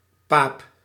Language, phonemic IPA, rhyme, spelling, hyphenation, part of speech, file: Dutch, /paːp/, -aːp, paap, paap, noun, Nl-paap.ogg
- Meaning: 1. Slur for a Roman Catholic cleric 2. papist (slur for any Roman Catholic)